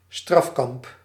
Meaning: a penal camp, a prison camp, an internment camp (camp where civilians, esp. dissidents, are imprisoned)
- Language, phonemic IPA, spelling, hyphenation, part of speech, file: Dutch, /ˈstrɑf.kɑmp/, strafkamp, straf‧kamp, noun, Nl-strafkamp.ogg